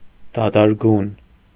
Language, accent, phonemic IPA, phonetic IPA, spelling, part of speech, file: Armenian, Eastern Armenian, /dɑdɑɾˈɡun/, [dɑdɑɾɡún], դադարգուն, adjective, Hy-դադարգուն.ogg
- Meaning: alternative form of դադարգյուն (dadargyun)